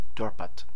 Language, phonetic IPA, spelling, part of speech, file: German, [ˈdɔʁpat], Dorpat, proper noun, De-Dorpat.ogg
- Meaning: Tartu, a city in Estonia